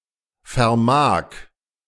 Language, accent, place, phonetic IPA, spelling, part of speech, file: German, Germany, Berlin, [fɛɐ̯ˈmaːk], vermag, verb, De-vermag.ogg
- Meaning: first/third-person singular present of vermögen